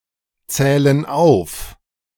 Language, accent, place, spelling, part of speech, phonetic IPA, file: German, Germany, Berlin, zählen auf, verb, [ˌt͡sɛːlən ˈaʊ̯f], De-zählen auf.ogg
- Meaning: inflection of aufzählen: 1. first/third-person plural present 2. first/third-person plural subjunctive I